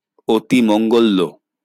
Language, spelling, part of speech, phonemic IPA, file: Bengali, অতিমঙ্গল্য, noun / adjective, /otimoŋɡolːɔ/, LL-Q9610 (ben)-অতিমঙ্গল্য.wav
- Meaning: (noun) bael fruit tree (Aegle marmelos); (adjective) surpassingly auspicious